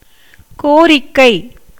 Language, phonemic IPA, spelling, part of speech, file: Tamil, /koːɾɪkːɐɪ̯/, கோரிக்கை, noun, Ta-கோரிக்கை.ogg
- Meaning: 1. demand, request, solicitation 2. wish, desire